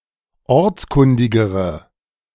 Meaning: inflection of ortskundig: 1. strong/mixed nominative/accusative feminine singular comparative degree 2. strong nominative/accusative plural comparative degree
- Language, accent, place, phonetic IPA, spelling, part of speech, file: German, Germany, Berlin, [ˈɔʁt͡sˌkʊndɪɡəʁə], ortskundigere, adjective, De-ortskundigere.ogg